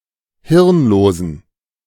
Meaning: inflection of hirnlos: 1. strong genitive masculine/neuter singular 2. weak/mixed genitive/dative all-gender singular 3. strong/weak/mixed accusative masculine singular 4. strong dative plural
- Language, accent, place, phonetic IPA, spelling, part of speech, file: German, Germany, Berlin, [ˈhɪʁnˌloːzn̩], hirnlosen, adjective, De-hirnlosen.ogg